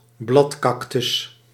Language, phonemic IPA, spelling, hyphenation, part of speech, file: Dutch, /ˈblɑtˌkɑk.tʏs/, bladcactus, blad‧cac‧tus, noun, Nl-bladcactus.ogg
- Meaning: a cactus with visible leaves or leaflike stems